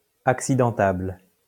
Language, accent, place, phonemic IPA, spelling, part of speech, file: French, France, Lyon, /ak.si.dɑ̃.tabl/, accidentable, adjective, LL-Q150 (fra)-accidentable.wav
- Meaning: damageable